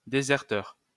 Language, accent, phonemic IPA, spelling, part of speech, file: French, France, /de.zɛʁ.tœʁ/, déserteur, noun, LL-Q150 (fra)-déserteur.wav
- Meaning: deserter (person who leaves the military without permission)